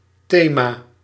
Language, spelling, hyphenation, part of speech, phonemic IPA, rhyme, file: Dutch, thema, the‧ma, noun, /ˈteː.maː/, -eːmaː, Nl-thema.ogg
- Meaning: 1. theme, topic, subject, issue 2. theme